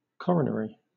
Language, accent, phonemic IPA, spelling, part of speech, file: English, Southern England, /ˈkɒɹən(ə)ɹi/, coronary, adjective / noun, LL-Q1860 (eng)-coronary.wav
- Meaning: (adjective) 1. Pertaining to a crown or garland 2. Encircling something (like a crown), especially with regard to the arteries or veins of the heart